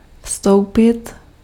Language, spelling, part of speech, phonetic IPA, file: Czech, vstoupit, verb, [ˈfstou̯pɪt], Cs-vstoupit.ogg
- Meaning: enter